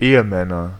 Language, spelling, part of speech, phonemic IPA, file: German, Ehemänner, noun, /ˈeːəˌmɛnɐ/, De-Ehemänner.ogg
- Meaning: nominative/accusative/genitive plural of Ehemann